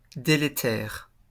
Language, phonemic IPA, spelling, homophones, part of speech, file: French, /de.le.tɛʁ/, délétère, délétères, adjective, LL-Q150 (fra)-délétère.wav
- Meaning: 1. hazardous to health and life; pernicious, nocive, toxic 2. harmful to situations or relations; injurious, damaging